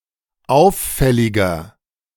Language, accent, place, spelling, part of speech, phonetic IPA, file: German, Germany, Berlin, auffälliger, adjective, [ˈaʊ̯fˌfɛlɪɡɐ], De-auffälliger.ogg
- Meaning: 1. comparative degree of auffällig 2. inflection of auffällig: strong/mixed nominative masculine singular 3. inflection of auffällig: strong genitive/dative feminine singular